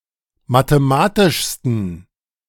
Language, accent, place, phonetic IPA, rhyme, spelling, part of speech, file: German, Germany, Berlin, [mateˈmaːtɪʃstn̩], -aːtɪʃstn̩, mathematischsten, adjective, De-mathematischsten.ogg
- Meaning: 1. superlative degree of mathematisch 2. inflection of mathematisch: strong genitive masculine/neuter singular superlative degree